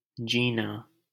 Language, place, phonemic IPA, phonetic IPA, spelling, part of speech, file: Hindi, Delhi, /d͡ʒiː.nɑː/, [d͡ʒiː.näː], जीना, verb / proper noun, LL-Q1568 (hin)-जीना.wav
- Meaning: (verb) to live; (proper noun) a female given name, Jeena